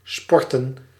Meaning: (verb) to practice sports in general, to play a sport, to exercise; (noun) plural of sport (all etymologies)
- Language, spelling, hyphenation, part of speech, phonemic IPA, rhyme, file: Dutch, sporten, spor‧ten, verb / noun, /ˈspɔrtən/, -ɔrtən, Nl-sporten.ogg